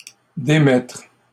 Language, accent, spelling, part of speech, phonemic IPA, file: French, Canada, démettre, verb, /de.mɛtʁ/, LL-Q150 (fra)-démettre.wav
- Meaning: 1. to dismiss, discharge (from a post) 2. to nonsuit (dismiss on the grounds of a lawsuit being brought without cause) 3. to dislocate (a bone) 4. to relinquish, leave (a position or post)